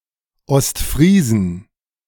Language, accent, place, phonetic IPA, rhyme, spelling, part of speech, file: German, Germany, Berlin, [ɔstˈfʁiːzn̩], -iːzn̩, Ostfriesen, noun, De-Ostfriesen.ogg
- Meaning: 1. genitive singular of Ostfriese 2. plural of Ostfriese